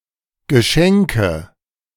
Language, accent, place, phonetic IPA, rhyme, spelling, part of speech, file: German, Germany, Berlin, [ɡəˈʃɛŋkə], -ɛŋkə, Geschenke, noun, De-Geschenke.ogg
- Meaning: nominative/accusative/genitive plural of Geschenk (“gift, present”)